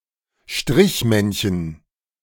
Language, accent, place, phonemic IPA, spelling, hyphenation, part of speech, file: German, Germany, Berlin, /ˈʃtʁɪçˌmɛnçən/, Strichmännchen, Strich‧männ‧chen, noun, De-Strichmännchen.ogg
- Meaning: stick man